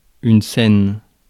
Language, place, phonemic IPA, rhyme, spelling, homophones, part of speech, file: French, Paris, /sɛn/, -ɛn, scène, Cène / saine / saines / scènes / seine / seines / senne / sennes / Seine, noun, Fr-scène.ogg
- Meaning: 1. stage (where performances are held) 2. scene (all senses): location of a play's plot 3. scene (all senses): location, literal or figurative, of any event